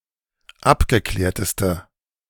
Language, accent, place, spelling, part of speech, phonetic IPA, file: German, Germany, Berlin, abgeklärteste, adjective, [ˈapɡəˌklɛːɐ̯təstə], De-abgeklärteste.ogg
- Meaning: inflection of abgeklärt: 1. strong/mixed nominative/accusative feminine singular superlative degree 2. strong nominative/accusative plural superlative degree